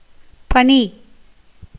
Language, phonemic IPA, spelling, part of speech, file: Tamil, /pɐniː/, பனி, verb / noun, Ta-பனி.ogg
- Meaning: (verb) 1. to be bedewed, have dew on 2. to flow out; to be shed, poured up 3. to rain incessantly, constantly 4. to become cool 5. to shiver with cold 6. to tremble, be agitated, quake